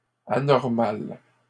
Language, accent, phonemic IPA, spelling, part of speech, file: French, Canada, /a.nɔʁ.mal/, anormales, adjective, LL-Q150 (fra)-anormales.wav
- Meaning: feminine plural of anormal